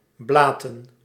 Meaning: 1. to bleat, produce the typical baa sound of sheep 2. to speak as pointlessly as if it were gibberish
- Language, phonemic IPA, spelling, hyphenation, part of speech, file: Dutch, /ˈblaːtə(n)/, blaten, bla‧ten, verb, Nl-blaten.ogg